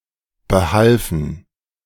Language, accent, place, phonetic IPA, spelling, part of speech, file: German, Germany, Berlin, [bəˈhalfn̩], behalfen, verb, De-behalfen.ogg
- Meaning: first/third-person plural preterite of behelfen